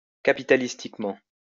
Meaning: capitalistically
- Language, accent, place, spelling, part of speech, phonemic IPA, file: French, France, Lyon, capitalistiquement, adverb, /ka.pi.ta.lis.tik.mɑ̃/, LL-Q150 (fra)-capitalistiquement.wav